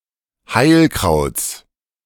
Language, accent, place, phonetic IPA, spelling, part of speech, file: German, Germany, Berlin, [ˈhaɪ̯lˌkʁaʊ̯t͡s], Heilkrauts, noun, De-Heilkrauts.ogg
- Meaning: genitive singular of Heilkraut